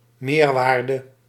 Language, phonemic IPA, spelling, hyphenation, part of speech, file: Dutch, /ˈmeːrˌʋaːr.də/, meerwaarde, meer‧waar‧de, noun, Nl-meerwaarde.ogg
- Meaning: 1. added value, surplus value 2. surplus value